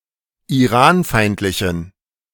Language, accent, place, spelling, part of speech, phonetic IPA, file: German, Germany, Berlin, iranfeindlichen, adjective, [iˈʁaːnˌfaɪ̯ntlɪçn̩], De-iranfeindlichen.ogg
- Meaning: inflection of iranfeindlich: 1. strong genitive masculine/neuter singular 2. weak/mixed genitive/dative all-gender singular 3. strong/weak/mixed accusative masculine singular 4. strong dative plural